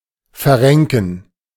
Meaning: to strain, to wrench (a body part)
- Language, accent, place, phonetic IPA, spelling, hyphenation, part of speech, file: German, Germany, Berlin, [fɛɐ̯ˈʁɛŋkn̩], verrenken, ver‧ren‧ken, verb, De-verrenken.ogg